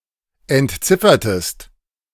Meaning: inflection of entziffern: 1. second-person singular preterite 2. second-person singular subjunctive II
- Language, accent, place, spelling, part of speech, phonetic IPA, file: German, Germany, Berlin, entziffertest, verb, [ɛntˈt͡sɪfɐtəst], De-entziffertest.ogg